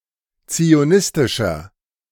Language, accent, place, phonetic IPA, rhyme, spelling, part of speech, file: German, Germany, Berlin, [t͡sioˈnɪstɪʃɐ], -ɪstɪʃɐ, zionistischer, adjective, De-zionistischer.ogg
- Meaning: inflection of zionistisch: 1. strong/mixed nominative masculine singular 2. strong genitive/dative feminine singular 3. strong genitive plural